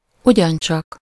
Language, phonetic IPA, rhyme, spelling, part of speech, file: Hungarian, [ˈuɟɒnt͡ʃɒk], -ɒk, ugyancsak, adverb, Hu-ugyancsak.ogg
- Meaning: 1. also, too (as well), equally 2. thoroughly, really, to the full (to a greater extent than is sufficient, more than is satisfactory, more strongly, better)